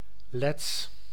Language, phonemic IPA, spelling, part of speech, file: Dutch, /lɛts/, Lets, proper noun / adjective, Nl-Lets.ogg
- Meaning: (adjective) Latvian; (proper noun) Latvian (language)